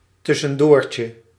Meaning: snack
- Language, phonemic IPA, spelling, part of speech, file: Dutch, /ˌtʏsə(n)ˈdoːrtjə/, tussendoortje, noun, Nl-tussendoortje.ogg